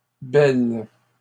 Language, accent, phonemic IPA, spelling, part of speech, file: French, Canada, /bɛl/, belles, adjective, LL-Q150 (fra)-belles.wav
- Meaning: feminine plural of beau